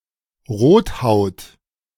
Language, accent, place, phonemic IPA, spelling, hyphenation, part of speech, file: German, Germany, Berlin, /ˈʁoːtˌhaʊ̯t/, Rothaut, Rot‧haut, noun, De-Rothaut.ogg
- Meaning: redskin (a Native American)